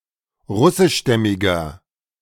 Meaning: inflection of russischstämmig: 1. strong/mixed nominative masculine singular 2. strong genitive/dative feminine singular 3. strong genitive plural
- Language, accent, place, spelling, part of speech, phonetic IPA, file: German, Germany, Berlin, russischstämmiger, adjective, [ˈʁʊsɪʃˌʃtɛmɪɡɐ], De-russischstämmiger.ogg